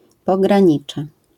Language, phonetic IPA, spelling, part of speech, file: Polish, [ˌpɔɡrãˈɲit͡ʃɛ], pogranicze, noun, LL-Q809 (pol)-pogranicze.wav